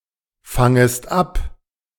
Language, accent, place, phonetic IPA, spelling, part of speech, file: German, Germany, Berlin, [ˌfaŋəst ˈap], fangest ab, verb, De-fangest ab.ogg
- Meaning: second-person singular subjunctive I of abfangen